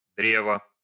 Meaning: tree
- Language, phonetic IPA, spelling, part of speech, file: Russian, [ˈdrʲevə], древо, noun, Ru-древо.ogg